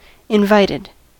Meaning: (verb) simple past and past participle of invite; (adjective) 1. Having been asked to attend 2. Having an invitation; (noun) One who was given an invitation
- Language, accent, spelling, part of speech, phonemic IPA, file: English, US, invited, verb / adjective / noun, /ɪnˈvaɪtɪd/, En-us-invited.ogg